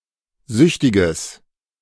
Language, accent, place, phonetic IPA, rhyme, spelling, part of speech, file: German, Germany, Berlin, [ˈzʏçtɪɡəs], -ʏçtɪɡəs, süchtiges, adjective, De-süchtiges.ogg
- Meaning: strong/mixed nominative/accusative neuter singular of süchtig